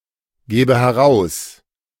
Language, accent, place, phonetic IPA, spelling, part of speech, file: German, Germany, Berlin, [ˌɡɛːbə hɛˈʁaʊ̯s], gäbe heraus, verb, De-gäbe heraus.ogg
- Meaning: first/third-person singular subjunctive II of herausgeben